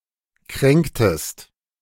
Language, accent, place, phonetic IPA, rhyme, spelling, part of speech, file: German, Germany, Berlin, [ˈkʁɛŋktəst], -ɛŋktəst, kränktest, verb, De-kränktest.ogg
- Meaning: inflection of kränken: 1. second-person singular preterite 2. second-person singular subjunctive II